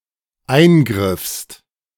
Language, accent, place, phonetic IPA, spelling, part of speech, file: German, Germany, Berlin, [ˈaɪ̯nˌɡʁɪfst], eingriffst, verb, De-eingriffst.ogg
- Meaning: second-person singular dependent preterite of eingreifen